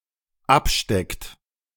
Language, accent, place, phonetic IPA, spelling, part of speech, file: German, Germany, Berlin, [ˈapˌʃtɛkt], absteckt, verb, De-absteckt.ogg
- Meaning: inflection of abstecken: 1. third-person singular dependent present 2. second-person plural dependent present